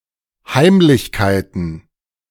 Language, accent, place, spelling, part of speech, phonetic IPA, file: German, Germany, Berlin, Heimlichkeiten, noun, [ˈhaɪ̯mlɪçkaɪ̯tn̩], De-Heimlichkeiten.ogg
- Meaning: plural of Heimlichkeit